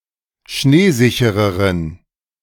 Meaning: inflection of schneesicher: 1. strong genitive masculine/neuter singular comparative degree 2. weak/mixed genitive/dative all-gender singular comparative degree
- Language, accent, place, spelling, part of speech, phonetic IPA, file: German, Germany, Berlin, schneesichereren, adjective, [ˈʃneːˌzɪçəʁəʁən], De-schneesichereren.ogg